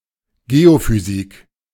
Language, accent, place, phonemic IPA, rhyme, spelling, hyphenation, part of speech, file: German, Germany, Berlin, /ˈɡeːofyˌziːk/, -iːk, Geophysik, Geo‧phy‧sik, noun, De-Geophysik.ogg
- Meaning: geophysics (branch of earth science)